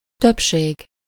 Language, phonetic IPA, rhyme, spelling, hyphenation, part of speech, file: Hungarian, [ˈtøpʃeːɡ], -eːɡ, többség, több‧ség, noun, Hu-többség.ogg
- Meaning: majority (more than half)